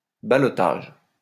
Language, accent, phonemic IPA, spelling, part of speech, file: French, France, /ba.lɔ.taʒ/, ballottage, noun, LL-Q150 (fra)-ballottage.wav
- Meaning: ballotage (second ballot, runoff)